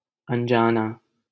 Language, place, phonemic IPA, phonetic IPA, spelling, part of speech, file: Hindi, Delhi, /ən.d͡ʒɑː.nɑː/, [ɐ̃n.d͡ʒäː.näː], अनजाना, adjective / noun, LL-Q1568 (hin)-अनजाना.wav
- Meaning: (adjective) 1. unknown 2. ignorant; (noun) 1. stranger 2. ignorant person